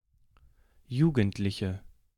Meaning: 1. female equivalent of Jugendlicher: female youth, female teenager, female adolescent (up to 17–19 years of age) 2. inflection of Jugendlicher: strong nominative/accusative plural
- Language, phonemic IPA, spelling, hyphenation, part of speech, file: German, /ˈjuːɡəntlɪçə/, Jugendliche, Ju‧gend‧li‧che, noun, De-Jugendliche.ogg